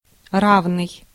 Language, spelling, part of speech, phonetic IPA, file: Russian, равный, adjective, [ˈravnɨj], Ru-равный.ogg
- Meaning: equal (the same in all respects)